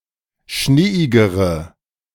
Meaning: inflection of schneeig: 1. strong/mixed nominative/accusative feminine singular comparative degree 2. strong nominative/accusative plural comparative degree
- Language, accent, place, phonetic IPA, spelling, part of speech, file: German, Germany, Berlin, [ˈʃneːɪɡəʁə], schneeigere, adjective, De-schneeigere.ogg